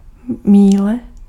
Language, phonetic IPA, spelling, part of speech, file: Czech, [ˈmiːlɛ], míle, noun, Cs-míle.ogg
- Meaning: mile